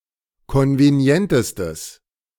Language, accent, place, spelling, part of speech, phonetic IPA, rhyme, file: German, Germany, Berlin, konvenientestes, adjective, [ˌkɔnveˈni̯ɛntəstəs], -ɛntəstəs, De-konvenientestes.ogg
- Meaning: strong/mixed nominative/accusative neuter singular superlative degree of konvenient